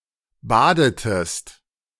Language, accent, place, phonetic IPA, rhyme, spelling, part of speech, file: German, Germany, Berlin, [ˈbaːdətəst], -aːdətəst, badetest, verb, De-badetest.ogg
- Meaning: inflection of baden: 1. second-person singular preterite 2. second-person singular subjunctive II